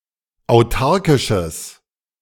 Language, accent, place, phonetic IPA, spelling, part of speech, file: German, Germany, Berlin, [aʊ̯ˈtaʁkɪʃəs], autarkisches, adjective, De-autarkisches.ogg
- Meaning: strong/mixed nominative/accusative neuter singular of autarkisch